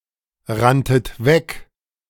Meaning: second-person plural preterite of wegrennen
- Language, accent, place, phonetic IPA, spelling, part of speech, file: German, Germany, Berlin, [ˌʁantət ˈvɛk], ranntet weg, verb, De-ranntet weg.ogg